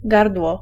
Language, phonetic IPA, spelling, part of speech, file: Polish, [ˈɡardwɔ], gardło, noun, Pl-gardło.ogg